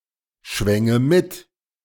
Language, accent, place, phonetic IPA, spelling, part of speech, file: German, Germany, Berlin, [ˌʃvɛŋə ˈmɪt], schwänge mit, verb, De-schwänge mit.ogg
- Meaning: first/third-person singular subjunctive II of mitschwingen